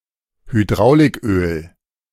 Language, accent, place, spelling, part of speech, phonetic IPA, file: German, Germany, Berlin, Hydrauliköl, noun, [hyˈdʁaʊ̯lɪkˌʔøːl], De-Hydrauliköl.ogg
- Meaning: hydraulic oil